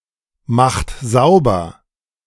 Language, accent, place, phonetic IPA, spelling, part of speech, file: German, Germany, Berlin, [ˌmaxt ˈzaʊ̯bɐ], macht sauber, verb, De-macht sauber.ogg
- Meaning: inflection of saubermachen: 1. second-person plural present 2. third-person singular present 3. plural imperative